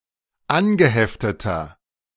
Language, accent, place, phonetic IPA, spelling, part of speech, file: German, Germany, Berlin, [ˈanɡəˌhɛftətɐ], angehefteter, adjective, De-angehefteter.ogg
- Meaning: inflection of angeheftet: 1. strong/mixed nominative masculine singular 2. strong genitive/dative feminine singular 3. strong genitive plural